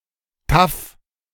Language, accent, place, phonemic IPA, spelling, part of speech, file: German, Germany, Berlin, /taf/, taff, adjective, De-taff.ogg
- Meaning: tough, robust, hard-bitten, assertive, socially apt and self-assured, quick-witted